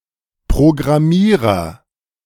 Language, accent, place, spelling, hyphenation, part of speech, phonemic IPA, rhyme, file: German, Germany, Berlin, Programmierer, Pro‧gram‧mie‧rer, noun, /pʁoɡʁaˈmiːʁɐ/, -iːʁɐ, De-Programmierer.ogg
- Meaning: programmer, one who designs software